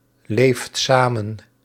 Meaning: inflection of samenleven: 1. second/third-person singular present indicative 2. plural imperative
- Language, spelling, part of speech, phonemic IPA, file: Dutch, leeft samen, verb, /ˈleft ˈsamə(n)/, Nl-leeft samen.ogg